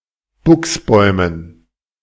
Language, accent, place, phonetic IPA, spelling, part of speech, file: German, Germany, Berlin, [ˈbʊksˌbɔɪ̯mən], Buchsbäumen, noun, De-Buchsbäumen.ogg
- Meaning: dative plural of Buchsbaum